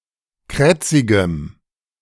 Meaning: strong dative masculine/neuter singular of krätzig
- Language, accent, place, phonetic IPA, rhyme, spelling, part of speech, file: German, Germany, Berlin, [ˈkʁɛt͡sɪɡəm], -ɛt͡sɪɡəm, krätzigem, adjective, De-krätzigem.ogg